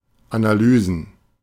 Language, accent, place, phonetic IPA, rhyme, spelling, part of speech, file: German, Germany, Berlin, [anaˈlyːzn̩], -yːzn̩, Analysen, noun, De-Analysen.ogg
- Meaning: plural of Analyse